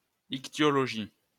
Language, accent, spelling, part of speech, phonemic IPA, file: French, France, ichtyologie, noun, /ik.tjɔ.lɔ.ʒi/, LL-Q150 (fra)-ichtyologie.wav
- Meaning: ichthyology